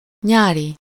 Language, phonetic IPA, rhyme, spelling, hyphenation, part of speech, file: Hungarian, [ˈɲaːri], -ri, nyári, nyá‧ri, adjective, Hu-nyári.ogg
- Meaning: summer, summery, aestival (of or relating to summer)